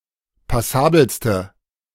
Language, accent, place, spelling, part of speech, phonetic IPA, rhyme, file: German, Germany, Berlin, passabelste, adjective, [paˈsaːbl̩stə], -aːbl̩stə, De-passabelste.ogg
- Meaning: inflection of passabel: 1. strong/mixed nominative/accusative feminine singular superlative degree 2. strong nominative/accusative plural superlative degree